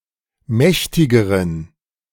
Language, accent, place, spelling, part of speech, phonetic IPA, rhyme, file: German, Germany, Berlin, mächtigeren, adjective, [ˈmɛçtɪɡəʁən], -ɛçtɪɡəʁən, De-mächtigeren.ogg
- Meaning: inflection of mächtig: 1. strong genitive masculine/neuter singular comparative degree 2. weak/mixed genitive/dative all-gender singular comparative degree